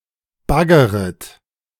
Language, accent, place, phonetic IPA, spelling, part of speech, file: German, Germany, Berlin, [ˈbaɡəʁət], baggeret, verb, De-baggeret.ogg
- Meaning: second-person plural subjunctive I of baggern